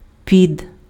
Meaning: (preposition) 1. under 2. [with accusative]: under (expressing motion towards) 3. [with accusative]: at/in/on, until, during (used to express the eve of an action); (noun) 1. pit, cavity 2. loft
- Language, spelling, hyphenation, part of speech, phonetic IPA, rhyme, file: Ukrainian, під, під, preposition / noun, [pʲid], -id, Uk-під.ogg